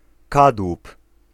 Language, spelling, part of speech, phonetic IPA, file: Polish, kadłub, noun, [ˈkadwup], Pl-kadłub.ogg